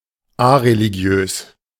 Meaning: areligious
- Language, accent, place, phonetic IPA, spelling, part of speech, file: German, Germany, Berlin, [ˈaʁeliˌɡi̯øːs], areligiös, adjective, De-areligiös.ogg